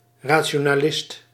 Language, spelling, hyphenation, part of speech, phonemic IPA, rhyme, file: Dutch, rationalist, ra‧ti‧o‧na‧list, noun, /ˌraː.(t)ʃoː.naːˈlɪst/, -ɪst, Nl-rationalist.ogg
- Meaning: rationalist (adherent of rationalism)